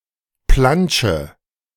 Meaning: inflection of plantschen: 1. first-person singular present 2. singular imperative 3. first/third-person singular subjunctive I
- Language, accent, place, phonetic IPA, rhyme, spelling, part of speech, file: German, Germany, Berlin, [ˈplant͡ʃə], -ant͡ʃə, plantsche, verb, De-plantsche.ogg